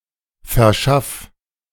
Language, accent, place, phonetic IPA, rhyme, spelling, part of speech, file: German, Germany, Berlin, [fɛɐ̯ˈʃaf], -af, verschaff, verb, De-verschaff.ogg
- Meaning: 1. singular imperative of verschaffen 2. first-person singular present of verschaffen